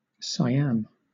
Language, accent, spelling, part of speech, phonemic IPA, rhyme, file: English, Southern England, Siam, proper noun, /saɪˈæm/, -æm, LL-Q1860 (eng)-Siam.wav
- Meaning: Former name of Thailand: a country in Southeast Asia